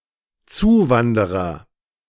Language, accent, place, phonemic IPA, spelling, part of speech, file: German, Germany, Berlin, /ˈtsuːˌvandəʁɐ/, Zuwanderer, noun, De-Zuwanderer.ogg
- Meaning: 1. newcomer (male or of unspecified gender) (new resident from a different area in the same country) 2. immigrant (male or of unspecified gender)